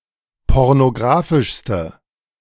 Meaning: inflection of pornographisch: 1. strong/mixed nominative/accusative feminine singular superlative degree 2. strong nominative/accusative plural superlative degree
- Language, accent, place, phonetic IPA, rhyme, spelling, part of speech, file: German, Germany, Berlin, [ˌpɔʁnoˈɡʁaːfɪʃstə], -aːfɪʃstə, pornographischste, adjective, De-pornographischste.ogg